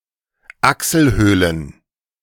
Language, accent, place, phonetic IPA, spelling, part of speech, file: German, Germany, Berlin, [ˈaksəlˌhøːlən], Achselhöhlen, noun, De-Achselhöhlen.ogg
- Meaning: plural of Achselhöhle